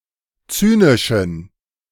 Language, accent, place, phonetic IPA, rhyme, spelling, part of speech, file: German, Germany, Berlin, [ˈt͡syːnɪʃn̩], -yːnɪʃn̩, zynischen, adjective, De-zynischen.ogg
- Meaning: inflection of zynisch: 1. strong genitive masculine/neuter singular 2. weak/mixed genitive/dative all-gender singular 3. strong/weak/mixed accusative masculine singular 4. strong dative plural